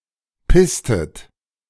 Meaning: inflection of pissen: 1. second-person plural preterite 2. second-person plural subjunctive II
- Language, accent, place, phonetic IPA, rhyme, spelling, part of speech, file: German, Germany, Berlin, [ˈpɪstət], -ɪstət, pisstet, verb, De-pisstet.ogg